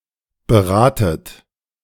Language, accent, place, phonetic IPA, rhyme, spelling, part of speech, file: German, Germany, Berlin, [bəˈʁaːtət], -aːtət, beratet, verb, De-beratet.ogg
- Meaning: inflection of beraten: 1. second-person plural present 2. second-person plural subjunctive I 3. plural imperative